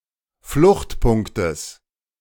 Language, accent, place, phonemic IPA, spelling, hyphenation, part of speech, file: German, Germany, Berlin, /ˈflʊxtˌpʊŋktəs/, Fluchtpunktes, Flucht‧punk‧tes, noun, De-Fluchtpunktes.ogg
- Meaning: genitive singular of Fluchtpunkt